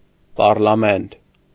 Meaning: parliament
- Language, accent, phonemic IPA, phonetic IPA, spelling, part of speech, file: Armenian, Eastern Armenian, /pɑrlɑˈment/, [pɑrlɑmént], պառլամենտ, noun, Hy-պառլամենտ.ogg